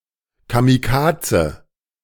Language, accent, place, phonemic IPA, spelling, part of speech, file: German, Germany, Berlin, /kamiˈkaːtsə/, Kamikaze, noun, De-Kamikaze.ogg
- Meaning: 1. kamikaze (kind of Japanese fighter pilot) 2. a risky, seemingly suicidal course of action